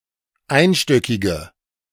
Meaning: inflection of einstöckig: 1. strong/mixed nominative/accusative feminine singular 2. strong nominative/accusative plural 3. weak nominative all-gender singular
- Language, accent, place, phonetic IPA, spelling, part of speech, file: German, Germany, Berlin, [ˈaɪ̯nˌʃtœkɪɡə], einstöckige, adjective, De-einstöckige.ogg